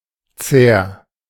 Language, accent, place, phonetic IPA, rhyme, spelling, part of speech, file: German, Germany, Berlin, [t͡seːɐ̯], -eːɐ̯, Cer, noun, De-Cer.ogg
- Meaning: cerium